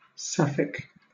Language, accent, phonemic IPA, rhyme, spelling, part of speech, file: English, Southern England, /ˈsæf.ɪk/, -æfɪk, Sapphic, adjective / noun, LL-Q1860 (eng)-Sapphic.wav
- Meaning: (adjective) Relating to the Greek poetess Sappho from Lesbos or her poetry